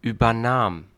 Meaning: first/third-person singular preterite of übernehmen
- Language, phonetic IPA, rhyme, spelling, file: German, [ˌyːbɐˈnaːm], -aːm, übernahm, De-übernahm.ogg